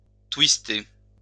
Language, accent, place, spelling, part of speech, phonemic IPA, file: French, France, Lyon, twister, verb, /twis.te/, LL-Q150 (fra)-twister.wav
- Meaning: to dance the twist, to twist